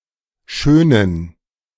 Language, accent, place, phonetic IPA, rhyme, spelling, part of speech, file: German, Germany, Berlin, [ˈʃøːnən], -øːnən, Schönen, noun, De-Schönen.ogg
- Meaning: 1. gerund of schönen 2. genitive singular of Schöne 3. plural of Schöne 4. genitive of Schönes